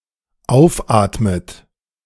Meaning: inflection of aufatmen: 1. third-person singular dependent present 2. second-person plural dependent present 3. second-person plural dependent subjunctive I
- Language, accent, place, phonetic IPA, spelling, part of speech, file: German, Germany, Berlin, [ˈaʊ̯fˌʔaːtmət], aufatmet, verb, De-aufatmet.ogg